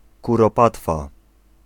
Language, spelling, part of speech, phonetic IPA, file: Polish, kuropatwa, noun, [ˌkurɔˈpatfa], Pl-kuropatwa.ogg